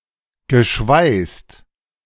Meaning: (verb) past participle of schweißen; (adjective) welded
- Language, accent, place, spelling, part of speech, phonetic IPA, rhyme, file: German, Germany, Berlin, geschweißt, verb, [ɡəˈʃvaɪ̯st], -aɪ̯st, De-geschweißt.ogg